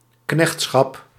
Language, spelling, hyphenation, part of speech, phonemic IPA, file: Dutch, knechtschap, knecht‧schap, noun, /ˈknɛxt.sxɑp/, Nl-knechtschap.ogg
- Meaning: 1. servitude 2. oppression